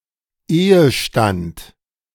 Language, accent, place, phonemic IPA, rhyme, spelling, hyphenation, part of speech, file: German, Germany, Berlin, /ˈeːəˌʃtant/, -ant, Ehestand, Ehe‧stand, noun, De-Ehestand.ogg
- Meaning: matrimony